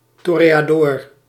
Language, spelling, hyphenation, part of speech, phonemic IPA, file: Dutch, toreador, to‧re‧a‧dor, noun, /ˌtorejaˈdɔːr/, Nl-toreador.ogg
- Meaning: torero, bullfighter, toreador